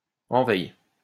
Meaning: alternative form of envoye
- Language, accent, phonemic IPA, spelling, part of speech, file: French, France, /ɑ̃.wɛj/, enweille, interjection, LL-Q150 (fra)-enweille.wav